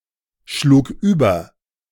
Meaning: first/third-person singular preterite of überschlagen
- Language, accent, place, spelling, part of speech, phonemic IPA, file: German, Germany, Berlin, schlug über, verb, /ˌʃluːk ˈyːbɐ/, De-schlug über.ogg